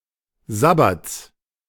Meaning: genitive of Sabbat
- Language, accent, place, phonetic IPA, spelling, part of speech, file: German, Germany, Berlin, [ˈzabat͡s], Sabbats, noun, De-Sabbats.ogg